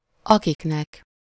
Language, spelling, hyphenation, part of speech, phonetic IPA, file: Hungarian, akiknek, akik‧nek, pronoun, [ˈɒkiknɛk], Hu-akiknek.ogg
- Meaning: dative plural of aki